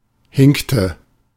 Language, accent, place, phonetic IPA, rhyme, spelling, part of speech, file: German, Germany, Berlin, [ˈhɪŋktə], -ɪŋktə, hinkte, verb, De-hinkte.ogg
- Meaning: inflection of hinken: 1. first/third-person singular preterite 2. first/third-person singular subjunctive II